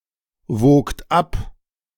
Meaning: second-person plural preterite of abwiegen
- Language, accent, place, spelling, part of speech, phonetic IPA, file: German, Germany, Berlin, wogt ab, verb, [ˌvoːkt ˈap], De-wogt ab.ogg